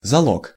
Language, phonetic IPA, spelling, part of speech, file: Russian, [zɐˈɫok], залог, noun, Ru-залог.ogg
- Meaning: 1. pawning, pawn 2. pledge, deposit, security, bail 3. collateral 4. voice (a particular mode of inflecting or conjugating verbs, or a particular form of a verb)